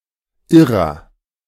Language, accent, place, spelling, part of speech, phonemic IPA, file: German, Germany, Berlin, Irrer, noun, /ˈʔɪʁɐ/, De-Irrer.ogg
- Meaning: mentally ill person, lunatic (male or of unspecified gender)